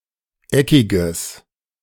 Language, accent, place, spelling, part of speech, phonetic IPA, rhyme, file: German, Germany, Berlin, eckiges, adjective, [ˈɛkɪɡəs], -ɛkɪɡəs, De-eckiges.ogg
- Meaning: strong/mixed nominative/accusative neuter singular of eckig